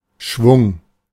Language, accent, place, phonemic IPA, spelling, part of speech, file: German, Germany, Berlin, /ʃvʊŋ/, Schwung, noun, De-Schwung.ogg
- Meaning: 1. a swinging motion, sweep 2. a quantity so swept, (hence colloquial) any large amount 3. momentum, speed, force (intensity of a specific movement) 4. pep, vim, verve, dash, panache